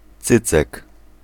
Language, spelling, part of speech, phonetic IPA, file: Polish, cycek, noun, [ˈt͡sɨt͡sɛk], Pl-cycek.ogg